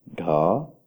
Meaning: The twenty-seventh letter in the Odia abugida
- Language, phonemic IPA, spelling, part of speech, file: Odia, /ɖʱɔ/, ଢ, character, Or-ଢ.oga